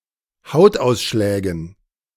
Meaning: dative plural of Hautausschlag
- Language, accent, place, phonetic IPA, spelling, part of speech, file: German, Germany, Berlin, [ˈhaʊ̯tˌʔaʊ̯sʃlɛːɡn̩], Hautausschlägen, noun, De-Hautausschlägen.ogg